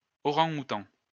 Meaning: orangutan
- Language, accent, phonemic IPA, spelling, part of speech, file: French, France, /ɔ.ʁɑ̃.ɡu.tɑ̃/, orang-outang, noun, LL-Q150 (fra)-orang-outang.wav